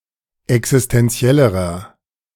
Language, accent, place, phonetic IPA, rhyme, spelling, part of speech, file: German, Germany, Berlin, [ɛksɪstɛnˈt͡si̯ɛləʁɐ], -ɛləʁɐ, existenziellerer, adjective, De-existenziellerer.ogg
- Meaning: inflection of existenziell: 1. strong/mixed nominative masculine singular comparative degree 2. strong genitive/dative feminine singular comparative degree 3. strong genitive plural comparative degree